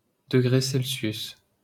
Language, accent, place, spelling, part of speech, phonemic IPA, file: French, France, Paris, degré Celsius, noun, /də.ɡʁe sɛl.sjys/, LL-Q150 (fra)-degré Celsius.wav
- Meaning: degree Celsius